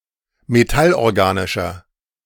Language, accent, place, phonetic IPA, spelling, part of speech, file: German, Germany, Berlin, [meˈtalʔɔʁˌɡaːnɪʃɐ], metallorganischer, adjective, De-metallorganischer.ogg
- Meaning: inflection of metallorganisch: 1. strong/mixed nominative masculine singular 2. strong genitive/dative feminine singular 3. strong genitive plural